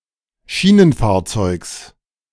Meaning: genitive singular of Schienenfahrzeug
- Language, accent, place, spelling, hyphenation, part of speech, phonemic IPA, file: German, Germany, Berlin, Schienenfahrzeugs, Schie‧nen‧fahr‧zeugs, noun, /ˈʃiːnənˌfaːɐ̯t͡sɔɪ̯ks/, De-Schienenfahrzeugs.ogg